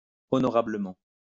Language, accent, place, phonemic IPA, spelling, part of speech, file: French, France, Lyon, /ɔ.nɔ.ʁa.blə.mɑ̃/, honorablement, adverb, LL-Q150 (fra)-honorablement.wav
- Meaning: honorably